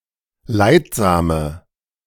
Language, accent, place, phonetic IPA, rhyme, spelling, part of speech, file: German, Germany, Berlin, [ˈlaɪ̯tˌzaːmə], -aɪ̯tzaːmə, leidsame, adjective, De-leidsame.ogg
- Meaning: inflection of leidsam: 1. strong/mixed nominative/accusative feminine singular 2. strong nominative/accusative plural 3. weak nominative all-gender singular 4. weak accusative feminine/neuter singular